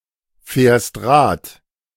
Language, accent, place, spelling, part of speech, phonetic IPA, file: German, Germany, Berlin, fährst Rad, verb, [ˌfɛːɐ̯st ˈʁaːt], De-fährst Rad.ogg
- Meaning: second-person singular present of Rad fahren